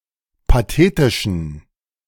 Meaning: inflection of pathetisch: 1. strong genitive masculine/neuter singular 2. weak/mixed genitive/dative all-gender singular 3. strong/weak/mixed accusative masculine singular 4. strong dative plural
- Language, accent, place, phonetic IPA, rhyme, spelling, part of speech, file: German, Germany, Berlin, [paˈteːtɪʃn̩], -eːtɪʃn̩, pathetischen, adjective, De-pathetischen.ogg